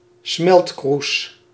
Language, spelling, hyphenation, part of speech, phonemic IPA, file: Dutch, smeltkroes, smelt‧kroes, noun, /ˈsmɛlt.krus/, Nl-smeltkroes.ogg
- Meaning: 1. crucible, melting pot 2. melting pot (place where heterogeneous things are mixed) 3. crucible (difficult or painful experience that refines)